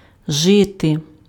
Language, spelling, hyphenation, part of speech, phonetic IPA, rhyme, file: Ukrainian, жити, жи‧ти, verb, [ˈʒɪte], -ɪte, Uk-жити.ogg
- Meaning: to live